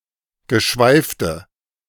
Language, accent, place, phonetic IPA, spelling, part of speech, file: German, Germany, Berlin, [ɡəˈʃvaɪ̯ftə], geschweifte, adjective, De-geschweifte.ogg
- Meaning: inflection of geschweift: 1. strong/mixed nominative/accusative feminine singular 2. strong nominative/accusative plural 3. weak nominative all-gender singular